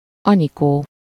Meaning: a female given name, equivalent to English Annie, Nancy, Nanny, or Nina
- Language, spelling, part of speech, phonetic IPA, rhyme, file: Hungarian, Anikó, proper noun, [ˈɒnikoː], -koː, Hu-Anikó.ogg